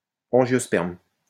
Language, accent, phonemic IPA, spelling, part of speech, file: French, France, /ɑ̃.ʒjɔ.spɛʁm/, angiosperme, adjective / noun, LL-Q150 (fra)-angiosperme.wav
- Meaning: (adjective) angiospermous, angiospermic; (noun) angiosperm